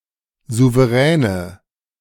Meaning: inflection of souverän: 1. strong/mixed nominative/accusative feminine singular 2. strong nominative/accusative plural 3. weak nominative all-gender singular
- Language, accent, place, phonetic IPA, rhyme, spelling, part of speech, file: German, Germany, Berlin, [ˌzuvəˈʁɛːnə], -ɛːnə, souveräne, adjective, De-souveräne.ogg